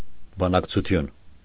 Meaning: negotiation
- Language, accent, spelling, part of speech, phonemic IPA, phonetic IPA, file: Armenian, Eastern Armenian, բանակցություն, noun, /bɑnɑkt͡sʰuˈtʰjun/, [bɑnɑkt͡sʰut͡sʰjún], Hy-բանակցություն.ogg